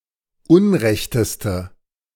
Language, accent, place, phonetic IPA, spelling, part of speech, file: German, Germany, Berlin, [ˈʊnˌʁɛçtəstə], unrechteste, adjective, De-unrechteste.ogg
- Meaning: inflection of unrecht: 1. strong/mixed nominative/accusative feminine singular superlative degree 2. strong nominative/accusative plural superlative degree